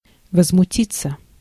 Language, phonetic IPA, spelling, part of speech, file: Russian, [vəzmʊˈtʲit͡sːə], возмутиться, verb, Ru-возмутиться.ogg
- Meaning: 1. to be indignant, to be filled with indignation, to be exasperated, to be outraged 2. to rebel 3. passive of возмути́ть (vozmutítʹ)